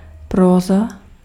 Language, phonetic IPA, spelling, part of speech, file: Czech, [ˈproːza], próza, noun, Cs-próza.ogg
- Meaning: prose